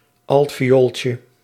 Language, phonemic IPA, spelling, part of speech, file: Dutch, /ˈɑltfijolcə/, altviooltje, noun, Nl-altviooltje.ogg
- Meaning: diminutive of altviool